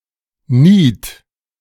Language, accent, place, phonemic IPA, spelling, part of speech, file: German, Germany, Berlin, /niːt/, Niet, noun, De-Niet.ogg
- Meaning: rivet